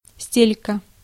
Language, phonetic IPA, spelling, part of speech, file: Russian, [ˈsʲtʲelʲkə], стелька, noun, Ru-стелька.ogg
- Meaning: insole